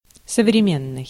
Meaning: 1. contemporary 2. modern 3. up-to-date, present-day
- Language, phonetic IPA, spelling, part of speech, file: Russian, [səvrʲɪˈmʲenːɨj], современный, adjective, Ru-современный.ogg